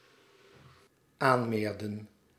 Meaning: inflection of aanmeren: 1. plural dependent-clause past indicative 2. plural dependent-clause past subjunctive
- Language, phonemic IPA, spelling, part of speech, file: Dutch, /ˈanmerə(n)/, aanmeerden, verb, Nl-aanmeerden.ogg